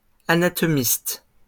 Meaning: plural of anatomiste
- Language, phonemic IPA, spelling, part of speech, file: French, /a.na.tɔ.mist/, anatomistes, noun, LL-Q150 (fra)-anatomistes.wav